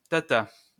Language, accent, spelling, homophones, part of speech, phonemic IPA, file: French, France, tata, tatas, noun / interjection, /ta.ta/, LL-Q150 (fra)-tata.wav
- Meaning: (noun) 1. auntie (aunt) 2. auntie (woman of an older generation than oneself) 3. nanny 4. homosexual (man); faggot, fag (US); poof (UK); queen 5. fearful, weak person